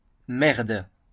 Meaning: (interjection) 1. shit!, crap! 2. break a leg!; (noun) 1. turd, piece of feces, shit 2. shit (something undesirable or unwanted) 3. shit (something of poor quality)
- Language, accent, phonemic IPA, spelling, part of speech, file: French, France, /mɛʁd/, merde, interjection / noun, LL-Q150 (fra)-merde.wav